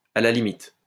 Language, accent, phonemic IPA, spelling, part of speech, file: French, France, /a la li.mit/, à la limite, adverb, LL-Q150 (fra)-à la limite.wav
- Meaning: in a pinch, at a pinch, if need be